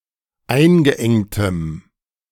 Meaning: strong dative masculine/neuter singular of eingeengt
- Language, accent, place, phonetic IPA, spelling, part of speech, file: German, Germany, Berlin, [ˈaɪ̯nɡəˌʔɛŋtəm], eingeengtem, adjective, De-eingeengtem.ogg